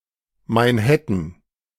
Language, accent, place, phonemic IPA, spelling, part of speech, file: German, Germany, Berlin, /maɪ̯nˈhɛtən/, Mainhattan, proper noun, De-Mainhattan.ogg
- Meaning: Nickname for the city of Frankfurt am Main